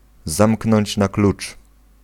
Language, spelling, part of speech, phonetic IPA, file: Polish, zamknąć na klucz, phrase, [ˈzãmknɔ̃ɲt͡ɕ na‿ˈklut͡ʃ], Pl-zamknąć na klucz.ogg